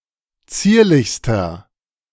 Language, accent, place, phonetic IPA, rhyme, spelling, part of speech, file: German, Germany, Berlin, [ˈt͡siːɐ̯lɪçstɐ], -iːɐ̯lɪçstɐ, zierlichster, adjective, De-zierlichster.ogg
- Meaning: inflection of zierlich: 1. strong/mixed nominative masculine singular superlative degree 2. strong genitive/dative feminine singular superlative degree 3. strong genitive plural superlative degree